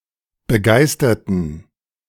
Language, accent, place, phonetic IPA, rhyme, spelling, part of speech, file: German, Germany, Berlin, [bəˈɡaɪ̯stɐtn̩], -aɪ̯stɐtn̩, begeisterten, adjective / verb, De-begeisterten.ogg
- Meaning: inflection of begeistern: 1. first/third-person plural preterite 2. first/third-person plural subjunctive II